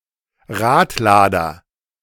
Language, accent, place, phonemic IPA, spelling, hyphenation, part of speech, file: German, Germany, Berlin, /ˈʁaːtˌlaːdɐ/, Radlader, Rad‧la‧der, noun, De-Radlader.ogg
- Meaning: loader, front-end loader, front loader, payloader, bucket loader, wheel loader (construction equipment)